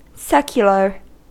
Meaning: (adjective) 1. Not specifically religious; lay or civil, as opposed to clerical 2. Temporal; worldly, or otherwise not based on something timeless 3. Not bound by the vows of a religious order
- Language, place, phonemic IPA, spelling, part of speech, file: English, California, /ˈsɛkjələɹ/, secular, adjective / noun, En-us-secular.ogg